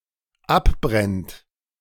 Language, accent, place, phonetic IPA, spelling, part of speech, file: German, Germany, Berlin, [ˈapˌbʁɛnt], abbrennt, verb, De-abbrennt.ogg
- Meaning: inflection of abbrennen: 1. third-person singular dependent present 2. second-person plural dependent present